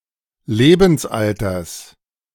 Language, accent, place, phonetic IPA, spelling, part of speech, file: German, Germany, Berlin, [ˈleːbn̩sˌʔaltɐs], Lebensalters, noun, De-Lebensalters.ogg
- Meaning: genitive singular of Lebensalter